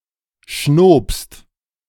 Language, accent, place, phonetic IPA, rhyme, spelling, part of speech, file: German, Germany, Berlin, [ʃnoːpst], -oːpst, schnobst, verb, De-schnobst.ogg
- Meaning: second-person singular preterite of schnauben